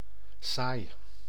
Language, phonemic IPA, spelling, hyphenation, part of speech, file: Dutch, /saːi/, saai, saai, adjective / noun, Nl-saai.ogg
- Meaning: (adjective) boring, tedious; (noun) 1. woven woollen cloth 2. wool (in yarn form)